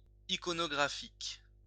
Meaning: 1. iconographic 2. image, picture
- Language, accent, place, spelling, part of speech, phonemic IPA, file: French, France, Lyon, iconographique, adjective, /i.kɔ.nɔ.ɡʁa.fik/, LL-Q150 (fra)-iconographique.wav